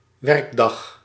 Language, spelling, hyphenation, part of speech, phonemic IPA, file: Dutch, werkdag, werk‧dag, noun, /ˈʋɛrk.dɑx/, Nl-werkdag.ogg
- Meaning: working day, workday